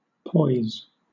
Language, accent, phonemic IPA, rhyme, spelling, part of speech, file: English, Southern England, /pɔɪz/, -ɔɪz, poise, noun / verb, LL-Q1860 (eng)-poise.wav
- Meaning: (noun) 1. A state of balance, equilibrium or stability 2. Composure; freedom from embarrassment or affectation 3. Mien; bearing or deportment of the head or body